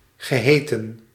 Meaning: past participle of heten
- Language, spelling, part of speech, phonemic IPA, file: Dutch, geheten, verb, /ɣəˈɦeː.tə(n)/, Nl-geheten.ogg